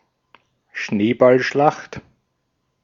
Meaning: snowball fight
- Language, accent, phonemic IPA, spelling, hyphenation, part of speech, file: German, Austria, /ˈʃneːbalˌʃlaxt/, Schneeballschlacht, Schnee‧ball‧schlacht, noun, De-at-Schneeballschlacht.ogg